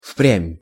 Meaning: really, indeed
- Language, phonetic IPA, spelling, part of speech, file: Russian, [fprʲæmʲ], впрямь, adverb, Ru-впрямь.ogg